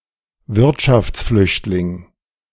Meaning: economic refugee
- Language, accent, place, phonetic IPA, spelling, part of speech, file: German, Germany, Berlin, [ˈvɪʁtʃaft͡sˌflʏçtlɪŋ], Wirtschaftsflüchtling, noun, De-Wirtschaftsflüchtling.ogg